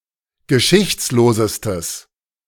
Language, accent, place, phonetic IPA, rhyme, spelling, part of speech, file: German, Germany, Berlin, [ɡəˈʃɪçt͡sloːzəstəs], -ɪçt͡sloːzəstəs, geschichtslosestes, adjective, De-geschichtslosestes.ogg
- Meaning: strong/mixed nominative/accusative neuter singular superlative degree of geschichtslos